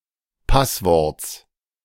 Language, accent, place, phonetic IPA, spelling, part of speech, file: German, Germany, Berlin, [ˈpasˌvɔʁt͡s], Passworts, noun, De-Passworts.ogg
- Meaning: genitive singular of Passwort